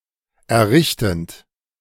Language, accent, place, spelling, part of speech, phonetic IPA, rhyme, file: German, Germany, Berlin, errichtend, verb, [ɛɐ̯ˈʁɪçtn̩t], -ɪçtn̩t, De-errichtend.ogg
- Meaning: present participle of errichten